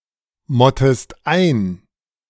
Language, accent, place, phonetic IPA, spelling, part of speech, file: German, Germany, Berlin, [ˌmɔtəst ˈaɪ̯n], mottest ein, verb, De-mottest ein.ogg
- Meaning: inflection of einmotten: 1. second-person singular present 2. second-person singular subjunctive I